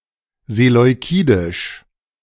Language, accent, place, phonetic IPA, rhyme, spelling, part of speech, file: German, Germany, Berlin, [zelɔɪ̯ˈkiːdɪʃ], -iːdɪʃ, seleukidisch, adjective, De-seleukidisch.ogg
- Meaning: Seleucid